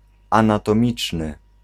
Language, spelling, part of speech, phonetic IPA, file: Polish, anatomiczny, adjective, [ˌãnatɔ̃ˈmʲit͡ʃnɨ], Pl-anatomiczny.ogg